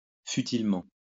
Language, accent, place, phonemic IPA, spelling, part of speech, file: French, France, Lyon, /fy.til.mɑ̃/, futilement, adverb, LL-Q150 (fra)-futilement.wav
- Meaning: futilely